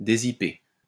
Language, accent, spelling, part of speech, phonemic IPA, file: French, France, dézipper, verb, /de.zi.pe/, LL-Q150 (fra)-dézipper.wav
- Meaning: 1. to unzip 2. to unzip (open using a zip)